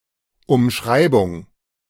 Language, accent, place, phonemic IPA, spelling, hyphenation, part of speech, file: German, Germany, Berlin, /ʊmˈʃʁaɪ̯bʊŋ/, Umschreibung, Um‧schrei‧bung, noun, De-Umschreibung.ogg
- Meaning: paraphrase, circumlocution